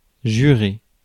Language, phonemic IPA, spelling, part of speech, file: French, /ʒy.ʁe/, jurer, verb, Fr-jurer.ogg
- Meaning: 1. to swear (to promise by oath) 2. to swear (to say a swear word) 3. to clash with, to be jarring, to stick out like a sore thumb